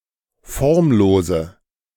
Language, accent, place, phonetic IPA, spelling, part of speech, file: German, Germany, Berlin, [ˈfɔʁmˌloːzə], formlose, adjective, De-formlose.ogg
- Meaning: inflection of formlos: 1. strong/mixed nominative/accusative feminine singular 2. strong nominative/accusative plural 3. weak nominative all-gender singular 4. weak accusative feminine/neuter singular